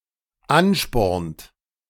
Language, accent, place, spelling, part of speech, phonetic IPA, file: German, Germany, Berlin, anspornt, verb, [ˈanˌʃpɔʁnt], De-anspornt.ogg
- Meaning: inflection of anspornen: 1. third-person singular dependent present 2. second-person plural dependent present